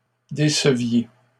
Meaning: inflection of décevoir: 1. second-person plural imperfect indicative 2. second-person plural present subjunctive
- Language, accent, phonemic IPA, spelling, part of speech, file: French, Canada, /de.sə.vje/, déceviez, verb, LL-Q150 (fra)-déceviez.wav